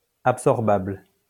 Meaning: absorbable
- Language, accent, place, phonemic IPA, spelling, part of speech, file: French, France, Lyon, /ap.sɔʁ.babl/, absorbable, adjective, LL-Q150 (fra)-absorbable.wav